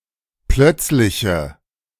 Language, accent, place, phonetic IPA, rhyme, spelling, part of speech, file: German, Germany, Berlin, [ˈplœt͡slɪçə], -œt͡slɪçə, plötzliche, adjective, De-plötzliche.ogg
- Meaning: inflection of plötzlich: 1. strong/mixed nominative/accusative feminine singular 2. strong nominative/accusative plural 3. weak nominative all-gender singular